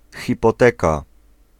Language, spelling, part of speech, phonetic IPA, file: Polish, hipoteka, noun, [ˌxʲipɔˈtɛka], Pl-hipoteka.ogg